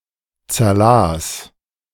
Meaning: first/third-person singular preterite of zerlesen
- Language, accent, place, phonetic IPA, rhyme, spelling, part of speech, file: German, Germany, Berlin, [t͡sɛɐ̯ˈlaːs], -aːs, zerlas, verb, De-zerlas.ogg